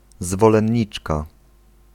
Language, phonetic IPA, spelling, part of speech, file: Polish, [ˌzvɔlɛ̃ɲˈːit͡ʃka], zwolenniczka, noun, Pl-zwolenniczka.ogg